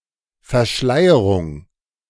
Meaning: 1. veiling 2. concealment, disguise, obfuscation
- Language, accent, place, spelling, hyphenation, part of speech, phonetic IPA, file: German, Germany, Berlin, Verschleierung, Ver‧schlei‧e‧rung, noun, [fɛɐ̯ˈʃlaɪ̯əʁʊŋ], De-Verschleierung.ogg